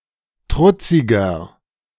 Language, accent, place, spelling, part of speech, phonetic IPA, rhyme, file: German, Germany, Berlin, trutziger, adjective, [ˈtʁʊt͡sɪɡɐ], -ʊt͡sɪɡɐ, De-trutziger.ogg
- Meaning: 1. comparative degree of trutzig 2. inflection of trutzig: strong/mixed nominative masculine singular 3. inflection of trutzig: strong genitive/dative feminine singular